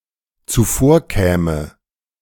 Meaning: first/third-person singular dependent subjunctive II of zuvorkommen
- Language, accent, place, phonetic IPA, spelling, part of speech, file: German, Germany, Berlin, [t͡suˈfoːɐ̯ˌkɛːmə], zuvorkäme, verb, De-zuvorkäme.ogg